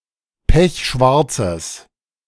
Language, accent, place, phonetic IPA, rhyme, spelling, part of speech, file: German, Germany, Berlin, [ˈpɛçˈʃvaʁt͡səs], -aʁt͡səs, pechschwarzes, adjective, De-pechschwarzes.ogg
- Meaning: strong/mixed nominative/accusative neuter singular of pechschwarz